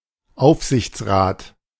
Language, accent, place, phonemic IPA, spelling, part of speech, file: German, Germany, Berlin, /ˈʔaʊ̯fzɪçtsˌʁaːt/, Aufsichtsrat, noun, De-Aufsichtsrat.ogg
- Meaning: 1. supervisory board 2. a member of the supervisory board